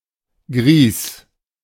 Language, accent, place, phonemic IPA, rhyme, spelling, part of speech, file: German, Germany, Berlin, /ɡʁiːs/, -iːs, Grieß, noun, De-Grieß.ogg
- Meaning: semolina